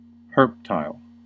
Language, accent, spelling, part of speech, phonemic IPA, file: English, US, herptile, noun, /ˈhɝp.taɪl/, En-us-herptile.ogg
- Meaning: A reptile or amphibian